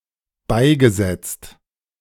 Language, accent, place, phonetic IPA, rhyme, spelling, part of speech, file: German, Germany, Berlin, [ˈbaɪ̯ɡəˌzɛt͡st], -aɪ̯ɡəzɛt͡st, beigesetzt, verb, De-beigesetzt.ogg
- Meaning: past participle of beisetzen - buried, interred